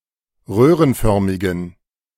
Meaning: inflection of röhrenförmig: 1. strong genitive masculine/neuter singular 2. weak/mixed genitive/dative all-gender singular 3. strong/weak/mixed accusative masculine singular 4. strong dative plural
- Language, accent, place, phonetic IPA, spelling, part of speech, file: German, Germany, Berlin, [ˈʁøːʁənˌfœʁmɪɡn̩], röhrenförmigen, adjective, De-röhrenförmigen.ogg